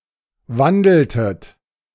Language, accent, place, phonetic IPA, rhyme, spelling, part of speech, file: German, Germany, Berlin, [ˈvandl̩tət], -andl̩tət, wandeltet, verb, De-wandeltet.ogg
- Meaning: inflection of wandeln: 1. second-person plural preterite 2. second-person plural subjunctive II